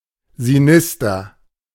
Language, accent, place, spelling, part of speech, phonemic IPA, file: German, Germany, Berlin, sinister, adjective, /ziˈnɪs.tɐ/, De-sinister.ogg
- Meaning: sinister